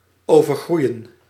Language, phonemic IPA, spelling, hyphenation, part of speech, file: Dutch, /ˌoː.vərˈɣrui̯ə(n)/, overgroeien, over‧groei‧en, verb, Nl-overgroeien.ogg
- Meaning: 1. to overgrow (to grow or spread over something so as to stifle it) 2. to become completely covered by overgrowth